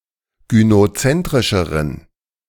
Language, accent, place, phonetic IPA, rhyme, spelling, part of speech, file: German, Germany, Berlin, [ɡynoˈt͡sɛntʁɪʃəʁən], -ɛntʁɪʃəʁən, gynozentrischeren, adjective, De-gynozentrischeren.ogg
- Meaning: inflection of gynozentrisch: 1. strong genitive masculine/neuter singular comparative degree 2. weak/mixed genitive/dative all-gender singular comparative degree